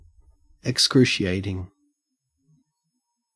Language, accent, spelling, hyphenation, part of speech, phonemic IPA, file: English, Australia, excruciating, ex‧cru‧ci‧a‧ting, adjective, /əkˈskɹʉːʃi.æɪtɪŋ/, En-au-excruciating.ogg
- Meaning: 1. Causing great pain or anguish, agonizing 2. Exceedingly intense; extreme